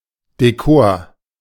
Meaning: 1. decor / décor 2. decoration
- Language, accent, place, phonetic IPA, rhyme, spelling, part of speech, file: German, Germany, Berlin, [deˈkoːɐ̯], -oːɐ̯, Dekor, noun, De-Dekor.ogg